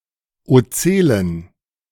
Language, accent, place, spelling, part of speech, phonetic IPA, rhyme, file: German, Germany, Berlin, Ozellen, noun, [oˈt͡sɛlən], -ɛlən, De-Ozellen.ogg
- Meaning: plural of Ozelle